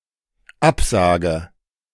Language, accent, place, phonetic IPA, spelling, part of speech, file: German, Germany, Berlin, [ˈapˌzaːɡə], absage, verb, De-absage.ogg
- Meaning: inflection of absagen: 1. first-person singular dependent present 2. first/third-person singular dependent subjunctive I